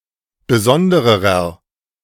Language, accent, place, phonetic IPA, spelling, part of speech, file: German, Germany, Berlin, [bəˈzɔndəʁəʁɐ], besondererer, adjective, De-besondererer.ogg
- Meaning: inflection of besondere: 1. strong/mixed nominative masculine singular comparative degree 2. strong genitive/dative feminine singular comparative degree 3. strong genitive plural comparative degree